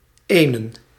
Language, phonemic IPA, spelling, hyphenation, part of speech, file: Dutch, /ˈeː.nə(n)/, enen, enen, article / noun / pronoun, Nl-enen.ogg
- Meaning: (article) 1. dative masculine/neuter of een; to a 2. accusative masculine of een; a; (noun) 1. plural of een 2. plural of één; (pronoun) personal plural of ene